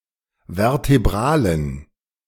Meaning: inflection of vertebral: 1. strong genitive masculine/neuter singular 2. weak/mixed genitive/dative all-gender singular 3. strong/weak/mixed accusative masculine singular 4. strong dative plural
- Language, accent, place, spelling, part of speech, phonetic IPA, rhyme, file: German, Germany, Berlin, vertebralen, adjective, [vɛʁteˈbʁaːlən], -aːlən, De-vertebralen.ogg